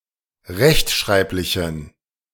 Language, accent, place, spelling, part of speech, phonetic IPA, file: German, Germany, Berlin, rechtschreiblichen, adjective, [ˈʁɛçtˌʃʁaɪ̯plɪçn̩], De-rechtschreiblichen.ogg
- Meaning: inflection of rechtschreiblich: 1. strong genitive masculine/neuter singular 2. weak/mixed genitive/dative all-gender singular 3. strong/weak/mixed accusative masculine singular